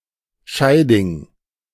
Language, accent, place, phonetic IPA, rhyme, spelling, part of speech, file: German, Germany, Berlin, [ˈʃaɪ̯dɪŋ], -aɪ̯dɪŋ, Scheiding, noun / proper noun, De-Scheiding.ogg
- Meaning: The month September, ninth of the Gregorian calendar